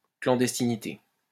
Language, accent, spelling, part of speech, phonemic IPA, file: French, France, clandestinité, noun, /klɑ̃.dɛs.ti.ni.te/, LL-Q150 (fra)-clandestinité.wav
- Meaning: clandestinity